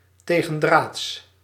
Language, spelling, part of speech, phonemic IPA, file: Dutch, tegendraads, adjective, /ˌteɣə(n)ˈdrats/, Nl-tegendraads.ogg
- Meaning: contrarian